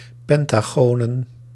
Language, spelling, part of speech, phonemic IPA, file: Dutch, pentagonen, noun, /ˈpɛntaɣonə(n)/, Nl-pentagonen.ogg
- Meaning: plural of pentagoon